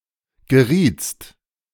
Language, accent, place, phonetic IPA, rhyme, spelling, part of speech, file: German, Germany, Berlin, [ɡəˈʁiːt͡st], -iːt͡st, gerietst, verb, De-gerietst.ogg
- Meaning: second-person singular preterite of geraten